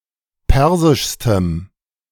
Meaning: strong dative masculine/neuter singular superlative degree of persisch
- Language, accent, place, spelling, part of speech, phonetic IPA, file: German, Germany, Berlin, persischstem, adjective, [ˈpɛʁzɪʃstəm], De-persischstem.ogg